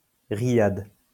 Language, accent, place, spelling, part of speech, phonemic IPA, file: French, France, Lyon, Riyad, proper noun, /ʁi.jad/, LL-Q150 (fra)-Riyad.wav
- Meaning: Riyadh (the capital city of Saudi Arabia)